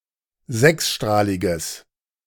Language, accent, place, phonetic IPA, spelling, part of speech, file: German, Germany, Berlin, [ˈzɛksˌʃtʁaːlɪɡəs], sechsstrahliges, adjective, De-sechsstrahliges.ogg
- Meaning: strong/mixed nominative/accusative neuter singular of sechsstrahlig